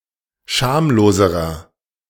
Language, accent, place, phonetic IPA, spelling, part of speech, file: German, Germany, Berlin, [ˈʃaːmloːzəʁɐ], schamloserer, adjective, De-schamloserer.ogg
- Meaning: inflection of schamlos: 1. strong/mixed nominative masculine singular comparative degree 2. strong genitive/dative feminine singular comparative degree 3. strong genitive plural comparative degree